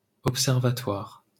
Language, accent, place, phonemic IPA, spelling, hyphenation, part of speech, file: French, France, Paris, /ɔp.sɛʁ.va.twaʁ/, observatoire, ob‧ser‧va‧toire, noun, LL-Q150 (fra)-observatoire.wav
- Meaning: observatory